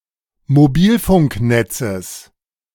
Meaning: genitive singular of Mobilfunknetz
- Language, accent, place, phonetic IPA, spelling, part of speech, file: German, Germany, Berlin, [moˈbiːlfʊŋkˌnɛt͡səs], Mobilfunknetzes, noun, De-Mobilfunknetzes.ogg